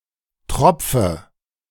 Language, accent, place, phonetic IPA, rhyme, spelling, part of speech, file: German, Germany, Berlin, [ˈtʁɔp͡fə], -ɔp͡fə, tropfe, verb, De-tropfe.ogg
- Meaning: inflection of tropfen: 1. first-person singular present 2. first/third-person singular subjunctive I 3. singular imperative